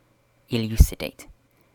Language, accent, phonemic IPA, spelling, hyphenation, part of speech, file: English, Received Pronunciation, /ɪˈl(j)uːsɪdeɪt/, elucidate, eluc‧id‧ate, verb, En-uk-elucidate.ogg
- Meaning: 1. To make (something) lucid (“bright, luminous; also, clear, transparent”) 2. To make (something) clear and understandable; to clarify, to illuminate, to shed light on